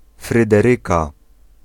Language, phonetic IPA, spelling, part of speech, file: Polish, [ˌfrɨdɛˈrɨka], Fryderyka, proper noun / noun, Pl-Fryderyka.ogg